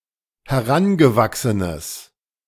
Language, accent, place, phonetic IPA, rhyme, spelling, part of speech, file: German, Germany, Berlin, [hɛˈʁanɡəˌvaksənəs], -anɡəvaksənəs, herangewachsenes, adjective, De-herangewachsenes.ogg
- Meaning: strong/mixed nominative/accusative neuter singular of herangewachsen